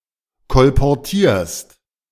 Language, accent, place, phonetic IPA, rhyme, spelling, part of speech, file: German, Germany, Berlin, [kɔlpɔʁˈtiːɐ̯st], -iːɐ̯st, kolportierst, verb, De-kolportierst.ogg
- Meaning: second-person singular present of kolportieren